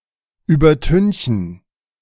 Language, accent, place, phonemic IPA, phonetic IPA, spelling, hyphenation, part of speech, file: German, Germany, Berlin, /ˌyːbɐˈtʏnçən/, [yːbɐˈtʏnçn̩], übertünchen, über‧tün‧chen, verb, De-übertünchen.ogg
- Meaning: 1. to whitewash (to paint (a building, a wall, etc.) a bright white with whitewash) 2. to cover up, to veneer